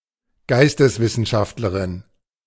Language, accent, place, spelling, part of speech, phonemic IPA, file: German, Germany, Berlin, Geisteswissenschaftlerin, noun, /ˈɡaɪ̯stəsˌvɪsn̩ʃaftləʁɪn/, De-Geisteswissenschaftlerin.ogg
- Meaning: humanities scholar, liberal arts scholar (female)